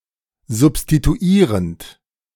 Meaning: present participle of substituieren
- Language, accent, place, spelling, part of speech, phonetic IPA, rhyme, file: German, Germany, Berlin, substituierend, verb, [zʊpstituˈiːʁənt], -iːʁənt, De-substituierend.ogg